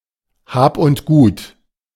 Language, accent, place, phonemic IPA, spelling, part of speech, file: German, Germany, Berlin, /ˈhaːp ʊnt ˈɡuːt/, Hab und Gut, noun, De-Hab und Gut.ogg
- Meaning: belongings, possessions